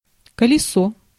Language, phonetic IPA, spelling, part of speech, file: Russian, [kəlʲɪˈso], колесо, noun, Ru-колесо.ogg
- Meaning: 1. wheel 2. cartwheel